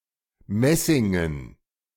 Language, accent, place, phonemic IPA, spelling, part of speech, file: German, Germany, Berlin, /ˈmɛsɪŋən/, messingen, adjective, De-messingen.ogg
- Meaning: brass; made of brass